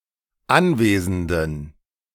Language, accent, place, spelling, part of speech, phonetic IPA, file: German, Germany, Berlin, anwesenden, adjective, [ˈanˌveːzn̩dən], De-anwesenden.ogg
- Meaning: inflection of anwesend: 1. strong genitive masculine/neuter singular 2. weak/mixed genitive/dative all-gender singular 3. strong/weak/mixed accusative masculine singular 4. strong dative plural